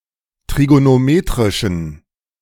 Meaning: inflection of trigonometrisch: 1. strong genitive masculine/neuter singular 2. weak/mixed genitive/dative all-gender singular 3. strong/weak/mixed accusative masculine singular 4. strong dative plural
- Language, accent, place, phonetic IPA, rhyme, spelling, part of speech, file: German, Germany, Berlin, [tʁiɡonoˈmeːtʁɪʃn̩], -eːtʁɪʃn̩, trigonometrischen, adjective, De-trigonometrischen.ogg